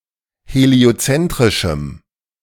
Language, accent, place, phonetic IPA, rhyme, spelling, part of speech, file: German, Germany, Berlin, [heli̯oˈt͡sɛntʁɪʃm̩], -ɛntʁɪʃm̩, heliozentrischem, adjective, De-heliozentrischem.ogg
- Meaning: strong dative masculine/neuter singular of heliozentrisch